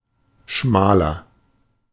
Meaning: inflection of schmal: 1. strong/mixed nominative masculine singular 2. strong genitive/dative feminine singular 3. strong genitive plural
- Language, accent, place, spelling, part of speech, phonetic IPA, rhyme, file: German, Germany, Berlin, schmaler, adjective, [ˈʃmaːlɐ], -aːlɐ, De-schmaler.ogg